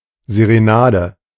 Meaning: serenade (love song; instrumental composition)
- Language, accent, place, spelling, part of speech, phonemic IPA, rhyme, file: German, Germany, Berlin, Serenade, noun, /zeʁeˈnaːdə/, -aːdə, De-Serenade.ogg